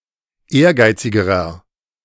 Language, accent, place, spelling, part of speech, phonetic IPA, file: German, Germany, Berlin, ehrgeizigerer, adjective, [ˈeːɐ̯ˌɡaɪ̯t͡sɪɡəʁɐ], De-ehrgeizigerer.ogg
- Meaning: inflection of ehrgeizig: 1. strong/mixed nominative masculine singular comparative degree 2. strong genitive/dative feminine singular comparative degree 3. strong genitive plural comparative degree